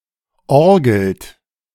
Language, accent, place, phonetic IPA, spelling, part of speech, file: German, Germany, Berlin, [ˈɔʁɡl̩t], orgelt, verb, De-orgelt.ogg
- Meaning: inflection of orgeln: 1. second-person plural present 2. third-person singular present 3. plural imperative